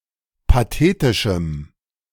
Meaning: strong dative masculine/neuter singular of pathetisch
- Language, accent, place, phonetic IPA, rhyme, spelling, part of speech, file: German, Germany, Berlin, [paˈteːtɪʃm̩], -eːtɪʃm̩, pathetischem, adjective, De-pathetischem.ogg